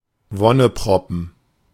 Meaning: 1. cute, cheerful baby or small child; bundle of joy 2. chubby person, often female
- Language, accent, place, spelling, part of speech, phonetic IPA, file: German, Germany, Berlin, Wonneproppen, noun, [ˈvɔnəˌpʁɔpn̩], De-Wonneproppen.ogg